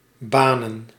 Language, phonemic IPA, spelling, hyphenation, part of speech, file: Dutch, /ˈbaːnə(n)/, banen, ba‧nen, verb / noun, Nl-banen.ogg
- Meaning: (verb) to make way, to clear; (noun) plural of baan